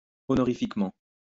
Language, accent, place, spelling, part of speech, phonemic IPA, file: French, France, Lyon, honorifiquement, adverb, /ɔ.nɔ.ʁi.fik.mɑ̃/, LL-Q150 (fra)-honorifiquement.wav
- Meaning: honorifically